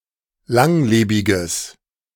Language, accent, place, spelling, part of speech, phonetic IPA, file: German, Germany, Berlin, langlebiges, adjective, [ˈlaŋˌleːbɪɡəs], De-langlebiges.ogg
- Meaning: strong/mixed nominative/accusative neuter singular of langlebig